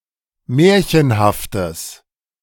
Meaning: strong/mixed nominative/accusative neuter singular of märchenhaft
- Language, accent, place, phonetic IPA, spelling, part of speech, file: German, Germany, Berlin, [ˈmɛːɐ̯çənhaftəs], märchenhaftes, adjective, De-märchenhaftes.ogg